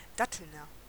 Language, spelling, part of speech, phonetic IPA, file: German, Dattelner, noun / adjective, [ˈdatl̩nɐ], De-Dattelner.ogg
- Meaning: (noun) a native or inhabitant of Datteln; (adjective) of Datteln